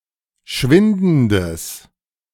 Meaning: strong/mixed nominative/accusative neuter singular of schwindend
- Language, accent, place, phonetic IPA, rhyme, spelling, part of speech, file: German, Germany, Berlin, [ˈʃvɪndn̩dəs], -ɪndn̩dəs, schwindendes, adjective, De-schwindendes.ogg